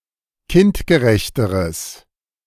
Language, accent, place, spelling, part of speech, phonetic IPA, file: German, Germany, Berlin, kindgerechteres, adjective, [ˈkɪntɡəˌʁɛçtəʁəs], De-kindgerechteres.ogg
- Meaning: strong/mixed nominative/accusative neuter singular comparative degree of kindgerecht